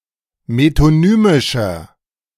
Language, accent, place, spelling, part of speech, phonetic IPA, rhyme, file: German, Germany, Berlin, metonymischer, adjective, [metoˈnyːmɪʃɐ], -yːmɪʃɐ, De-metonymischer.ogg
- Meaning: inflection of metonymisch: 1. strong/mixed nominative masculine singular 2. strong genitive/dative feminine singular 3. strong genitive plural